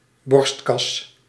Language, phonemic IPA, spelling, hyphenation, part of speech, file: Dutch, /ˈbɔrst.kɑs/, borstkas, borst‧kas, noun, Nl-borstkas.ogg
- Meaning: chest, thorax, ribcage